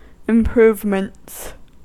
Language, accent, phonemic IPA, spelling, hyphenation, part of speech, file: English, US, /ɪmˈpɹuːvmənts/, improvements, im‧prove‧ments, noun, En-us-improvements.ogg
- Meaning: plural of improvement